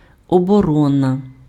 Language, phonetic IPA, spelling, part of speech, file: Ukrainian, [ɔbɔˈrɔnɐ], оборона, noun, Uk-оборона.ogg
- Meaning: defence, defense